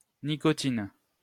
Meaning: nicotine (alkaloid)
- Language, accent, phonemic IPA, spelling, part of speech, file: French, France, /ni.kɔ.tin/, nicotine, noun, LL-Q150 (fra)-nicotine.wav